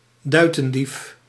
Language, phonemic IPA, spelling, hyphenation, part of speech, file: Dutch, /ˈdœy̯.tə(n)ˌdif/, duitendief, dui‧ten‧dief, noun, Nl-duitendief.ogg
- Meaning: an avaricious person who ratholes money, a greedhead